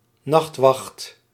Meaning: 1. night guard, night watchman or night watchwoman (person belonging to a night watch, standing guard at night) 2. night watch, night guard (group of people who stand guard at night)
- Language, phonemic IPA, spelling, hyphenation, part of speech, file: Dutch, /ˈnɑxt.ʋɑxt/, nachtwacht, nacht‧wacht, noun, Nl-nachtwacht.ogg